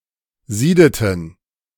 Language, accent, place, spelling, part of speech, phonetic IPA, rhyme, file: German, Germany, Berlin, siedeten, verb, [ˈziːdətn̩], -iːdətn̩, De-siedeten.ogg
- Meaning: inflection of sieden: 1. first/third-person plural preterite 2. first/third-person plural subjunctive II